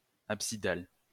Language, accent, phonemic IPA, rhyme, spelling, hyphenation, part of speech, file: French, France, /ap.si.dal/, -al, absidal, ab‧si‧dal, adjective, LL-Q150 (fra)-absidal.wav
- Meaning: apsidal